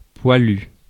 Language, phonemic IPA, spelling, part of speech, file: French, /pwa.ly/, poilu, adjective / noun, Fr-poilu.ogg
- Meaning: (adjective) 1. hairy 2. brave, courageous; energetic; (noun) poilu (French soldier during World War I)